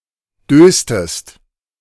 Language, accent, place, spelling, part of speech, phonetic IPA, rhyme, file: German, Germany, Berlin, döstest, verb, [ˈdøːstəst], -øːstəst, De-döstest.ogg
- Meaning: inflection of dösen: 1. second-person singular preterite 2. second-person singular subjunctive II